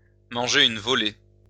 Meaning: to get a hiding, to get beaten up
- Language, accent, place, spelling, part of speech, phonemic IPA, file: French, France, Lyon, manger une volée, verb, /mɑ̃.ʒe.ʁ‿yn vɔ.le/, LL-Q150 (fra)-manger une volée.wav